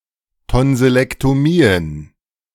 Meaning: plural of Tonsillektomie
- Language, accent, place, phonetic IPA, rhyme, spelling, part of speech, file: German, Germany, Berlin, [ˌtɔnzɪlɛktoˈmiːən], -iːən, Tonsillektomien, noun, De-Tonsillektomien.ogg